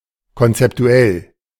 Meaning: conceptual
- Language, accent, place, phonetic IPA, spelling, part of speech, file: German, Germany, Berlin, [kɔntsɛptuˈɛl], konzeptuell, adjective, De-konzeptuell.ogg